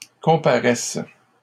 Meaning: first/third-person singular present subjunctive of comparaître
- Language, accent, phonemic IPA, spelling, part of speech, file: French, Canada, /kɔ̃.pa.ʁɛs/, comparaisse, verb, LL-Q150 (fra)-comparaisse.wav